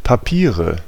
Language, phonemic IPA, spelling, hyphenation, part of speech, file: German, /paˈpiːʁə/, Papiere, Pa‧pie‧re, noun, De-Papiere.ogg
- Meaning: 1. nominative/accusative/genitive plural of Papier 2. official documents; driver's license